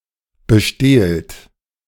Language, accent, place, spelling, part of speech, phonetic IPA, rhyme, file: German, Germany, Berlin, bestehlt, verb, [bəˈʃteːlt], -eːlt, De-bestehlt.ogg
- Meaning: inflection of bestehlen: 1. second-person plural present 2. plural imperative